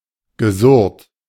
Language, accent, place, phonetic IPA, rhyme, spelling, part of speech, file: German, Germany, Berlin, [ɡəˈzʊʁt], -ʊʁt, gesurrt, verb, De-gesurrt.ogg
- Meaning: past participle of surren